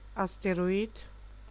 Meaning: asteroid
- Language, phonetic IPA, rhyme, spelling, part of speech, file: German, [asteʁoˈiːt], -iːt, Asteroid, noun, De-Asteroid.ogg